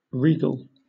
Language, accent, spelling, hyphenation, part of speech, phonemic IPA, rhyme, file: English, Southern England, regal, re‧gal, adjective / noun, /ˈɹiːɡəl/, -iːɡəl, LL-Q1860 (eng)-regal.wav
- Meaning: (adjective) 1. Of, pertaining to, or suitable for royalty 2. Befitting a monarch 3. Befitting a monarch.: Befitting a king or emperor